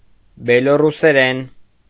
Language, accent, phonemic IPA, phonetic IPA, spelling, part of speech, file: Armenian, Eastern Armenian, /beloruseˈɾen/, [beloruseɾén], բելոռուսերեն, noun / adverb / adjective, Hy-բելոռուսերեն.ogg
- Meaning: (noun) dated form of բելառուսերեն (belaṙuseren)